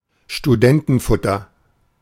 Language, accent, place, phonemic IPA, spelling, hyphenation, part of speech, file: German, Germany, Berlin, /ʃtuˈdɛntənfʊtɐ/, Studentenfutter, Stu‧den‧ten‧fut‧ter, noun, De-Studentenfutter.ogg
- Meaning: a mixture of nuts and dried fruits (often raisins); trail mix